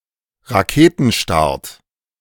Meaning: rocket launch
- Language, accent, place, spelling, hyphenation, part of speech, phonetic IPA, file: German, Germany, Berlin, Raketenstart, Ra‧ke‧ten‧start, noun, [ʁaˈkeːtn̩ˌʃtaʁt], De-Raketenstart.ogg